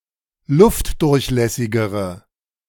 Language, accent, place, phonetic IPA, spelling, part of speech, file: German, Germany, Berlin, [ˈlʊftdʊʁçˌlɛsɪɡəʁə], luftdurchlässigere, adjective, De-luftdurchlässigere.ogg
- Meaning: inflection of luftdurchlässig: 1. strong/mixed nominative/accusative feminine singular comparative degree 2. strong nominative/accusative plural comparative degree